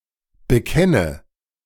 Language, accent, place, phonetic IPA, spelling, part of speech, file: German, Germany, Berlin, [bəˈkɛnə], bekenne, verb, De-bekenne.ogg
- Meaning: inflection of bekennen: 1. first-person singular present 2. first/third-person singular subjunctive I 3. singular imperative